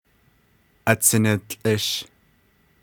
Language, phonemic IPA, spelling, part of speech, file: Navajo, /ʔɑ̀t͡sʰɪ̀nɪ̀lt͡ɬʼɪ̀ʃ/, atsiniltłʼish, noun, Nv-atsiniltłʼish.ogg
- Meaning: 1. lightning 2. electricity